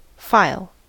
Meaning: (noun) 1. A collection of papers collated and archived together 2. A roll or list 3. A course of thought; a thread of narration 4. An aggregation of data on a storage device, identified by a name
- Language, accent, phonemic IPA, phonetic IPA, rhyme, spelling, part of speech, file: English, US, /faɪl/, [faɪ̯(ə)ɫ], -aɪl, file, noun / verb, En-us-file.ogg